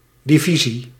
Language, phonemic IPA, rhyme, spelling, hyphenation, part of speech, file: Dutch, /ˌdiˈvi.zi/, -izi, divisie, di‧vi‧sie, noun, Nl-divisie.ogg
- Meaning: division (specific senses): 1. a large military unit, usually with over 15,000 soldiers and divided into brigades 2. a section of a company 3. a part of a sports competition